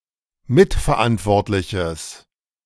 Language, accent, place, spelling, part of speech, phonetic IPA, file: German, Germany, Berlin, mitverantwortliches, adjective, [ˈmɪtfɛɐ̯ˌʔantvɔʁtlɪçəs], De-mitverantwortliches.ogg
- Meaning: strong/mixed nominative/accusative neuter singular of mitverantwortlich